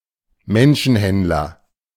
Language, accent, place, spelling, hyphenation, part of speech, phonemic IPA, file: German, Germany, Berlin, Menschenhändler, Men‧schen‧händ‧ler, noun, /ˈmɛnʃənˌhɛntlɐ/, De-Menschenhändler.ogg
- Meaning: human trafficker